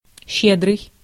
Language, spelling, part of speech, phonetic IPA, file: Russian, щедрый, adjective, [ˈɕːedrɨj], Ru-щедрый.ogg
- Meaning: generous (willing to give and share unsparingly)